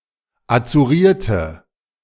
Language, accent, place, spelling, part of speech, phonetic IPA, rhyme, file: German, Germany, Berlin, azurierte, adjective, [at͡suˈʁiːɐ̯tə], -iːɐ̯tə, De-azurierte.ogg
- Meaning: inflection of azuriert: 1. strong/mixed nominative/accusative feminine singular 2. strong nominative/accusative plural 3. weak nominative all-gender singular